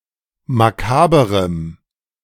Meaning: strong dative masculine/neuter singular of makaber
- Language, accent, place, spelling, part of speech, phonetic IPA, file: German, Germany, Berlin, makaberem, adjective, [maˈkaːbəʁəm], De-makaberem.ogg